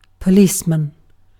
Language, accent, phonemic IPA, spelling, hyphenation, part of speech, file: English, UK, /pəˈliːsmən/, policeman, po‧lice‧man, noun, En-uk-policeman.ogg
- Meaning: 1. A police officer, usually a male 2. A glass rod capped at one end with rubber, used in a chemistry laboratory for gravimetric analysis 3. Any skipper of the genus Coeliades 4. Synonym of enforcer